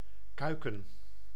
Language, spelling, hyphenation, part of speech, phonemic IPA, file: Dutch, kuiken, kui‧ken, noun, /ˈkœy̯.kə(n)/, Nl-kuiken.ogg
- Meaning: chick, the hatched young of a bird, especially fowl